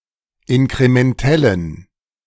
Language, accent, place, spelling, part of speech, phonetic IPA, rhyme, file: German, Germany, Berlin, inkrementellen, adjective, [ɪnkʁemɛnˈtɛlən], -ɛlən, De-inkrementellen.ogg
- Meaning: inflection of inkrementell: 1. strong genitive masculine/neuter singular 2. weak/mixed genitive/dative all-gender singular 3. strong/weak/mixed accusative masculine singular 4. strong dative plural